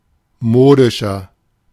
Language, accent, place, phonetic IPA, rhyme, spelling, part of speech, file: German, Germany, Berlin, [ˈmoːdɪʃɐ], -oːdɪʃɐ, modischer, adjective, De-modischer.ogg
- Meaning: 1. comparative degree of modisch 2. inflection of modisch: strong/mixed nominative masculine singular 3. inflection of modisch: strong genitive/dative feminine singular